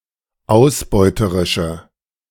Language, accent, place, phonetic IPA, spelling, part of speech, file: German, Germany, Berlin, [ˈaʊ̯sˌbɔɪ̯təʁɪʃə], ausbeuterische, adjective, De-ausbeuterische.ogg
- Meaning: inflection of ausbeuterisch: 1. strong/mixed nominative/accusative feminine singular 2. strong nominative/accusative plural 3. weak nominative all-gender singular